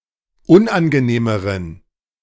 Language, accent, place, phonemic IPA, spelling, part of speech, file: German, Germany, Berlin, /ˈʊnʔanɡəˌneːməʁən/, unangenehmeren, adjective, De-unangenehmeren.ogg
- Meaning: inflection of unangenehm: 1. strong genitive masculine/neuter singular comparative degree 2. weak/mixed genitive/dative all-gender singular comparative degree